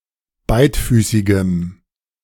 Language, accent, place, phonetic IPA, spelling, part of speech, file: German, Germany, Berlin, [ˈbaɪ̯tˌfyːsɪɡəm], beidfüßigem, adjective, De-beidfüßigem.ogg
- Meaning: strong dative masculine/neuter singular of beidfüßig